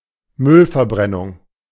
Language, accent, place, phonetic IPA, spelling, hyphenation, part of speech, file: German, Germany, Berlin, [ˈmʏlfɛɐ̯ˌbʁɛnʊŋ], Müllverbrennung, Müll‧ver‧bren‧nung, noun, De-Müllverbrennung.ogg
- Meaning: waste incineration